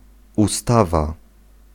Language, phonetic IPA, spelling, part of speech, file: Polish, [uˈstava], ustawa, noun, Pl-ustawa.ogg